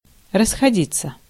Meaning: 1. to go away, to disperse (in different directions), to spread 2. to break up (of a crowd, meeting, etc.)
- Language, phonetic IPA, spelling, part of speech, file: Russian, [rəsxɐˈdʲit͡sːə], расходиться, verb, Ru-расходиться.ogg